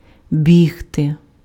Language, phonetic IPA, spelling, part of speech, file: Ukrainian, [ˈbʲiɦte], бігти, verb, Uk-бігти.ogg
- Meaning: to run